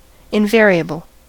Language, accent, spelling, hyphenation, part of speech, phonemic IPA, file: English, US, invariable, in‧va‧ri‧able, adjective / noun, /ɪnˈvɛɹ.i.ə.bl̩/, En-us-invariable.ogg
- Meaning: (adjective) 1. Not variable; unalterable; uniform; always having the same value 2. Constant 3. That cannot undergo inflection, conjugation or declension